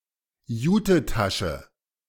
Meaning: jute bag
- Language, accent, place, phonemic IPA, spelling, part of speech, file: German, Germany, Berlin, /ˈjuːtəˌtaʃə/, Jutetasche, noun, De-Jutetasche.ogg